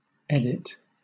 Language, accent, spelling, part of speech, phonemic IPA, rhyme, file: English, Southern England, edit, noun / verb, /ˈɛdɪt/, -ɛdɪt, LL-Q1860 (eng)-edit.wav
- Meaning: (noun) 1. A change to the text of a document 2. A change in the text of a file, a website or the code of software 3. An edited piece of media, especially video footage